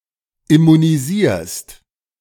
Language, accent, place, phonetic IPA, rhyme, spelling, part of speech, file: German, Germany, Berlin, [ɪmuniˈziːɐ̯st], -iːɐ̯st, immunisierst, verb, De-immunisierst.ogg
- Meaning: second-person singular present of immunisieren